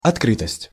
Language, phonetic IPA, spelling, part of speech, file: Russian, [ɐtˈkrɨtəsʲtʲ], открытость, noun, Ru-открытость.ogg
- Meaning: openness